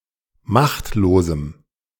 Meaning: strong dative masculine/neuter singular of machtlos
- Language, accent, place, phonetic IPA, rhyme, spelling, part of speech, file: German, Germany, Berlin, [ˈmaxtloːzm̩], -axtloːzm̩, machtlosem, adjective, De-machtlosem.ogg